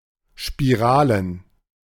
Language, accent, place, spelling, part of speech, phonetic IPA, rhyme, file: German, Germany, Berlin, Spiralen, noun, [ʃpiˈʁaːlən], -aːlən, De-Spiralen.ogg
- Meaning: plural of Spirale